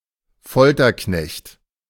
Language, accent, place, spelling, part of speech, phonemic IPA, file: German, Germany, Berlin, Folterknecht, noun, /ˈfɔltɐˌknɛçt/, De-Folterknecht.ogg
- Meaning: torturer